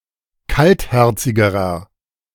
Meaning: inflection of kaltherzig: 1. strong/mixed nominative masculine singular comparative degree 2. strong genitive/dative feminine singular comparative degree 3. strong genitive plural comparative degree
- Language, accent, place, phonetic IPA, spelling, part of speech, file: German, Germany, Berlin, [ˈkaltˌhɛʁt͡sɪɡəʁɐ], kaltherzigerer, adjective, De-kaltherzigerer.ogg